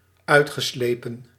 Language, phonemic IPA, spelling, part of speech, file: Dutch, /ˈœy̯txəˌsleːpə(n)/, uitgeslepen, verb, Nl-uitgeslepen.ogg
- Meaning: past participle of uitslijpen